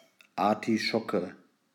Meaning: artichoke (edible plant related to the thistle)
- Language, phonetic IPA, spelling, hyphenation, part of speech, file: German, [aʁtiˈʃɔkə], Artischocke, Ar‧ti‧scho‧cke, noun, De-Artischocke.ogg